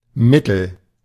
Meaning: 1. middle, in the middle 2. average, middling 3. mid
- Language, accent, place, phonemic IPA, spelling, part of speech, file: German, Germany, Berlin, /ˈmɪtəl/, mittel, adjective, De-mittel.ogg